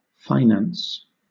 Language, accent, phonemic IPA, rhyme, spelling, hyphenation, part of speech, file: English, Southern England, /fɪˈnæns/, -æns, finance, fi‧nance, noun / verb, LL-Q1860 (eng)-finance.wav
- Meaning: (noun) 1. The management of money and other assets 2. The science of management of money and other assets 3. Monetary resources, especially those of a public entity or a company